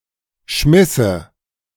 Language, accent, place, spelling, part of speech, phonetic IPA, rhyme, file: German, Germany, Berlin, schmisse, verb, [ˈʃmɪsə], -ɪsə, De-schmisse.ogg
- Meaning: first/third-person singular subjunctive II of schmeißen